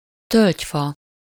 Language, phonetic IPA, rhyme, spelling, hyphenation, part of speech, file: Hungarian, [ˈtølcfɒ], -fɒ, tölgyfa, tölgy‧fa, noun / adjective, Hu-tölgyfa.ogg
- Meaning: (noun) oak tree, oak (a tree of the genus Quercus); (adjective) oaken (made from the wood of the oak tree)